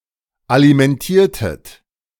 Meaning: inflection of alimentieren: 1. second-person plural preterite 2. second-person plural subjunctive II
- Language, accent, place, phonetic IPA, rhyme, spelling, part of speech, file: German, Germany, Berlin, [alimɛnˈtiːɐ̯tət], -iːɐ̯tət, alimentiertet, verb, De-alimentiertet.ogg